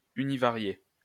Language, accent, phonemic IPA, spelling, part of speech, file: French, France, /y.ni.va.ʁje/, univarié, adjective, LL-Q150 (fra)-univarié.wav
- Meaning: univariate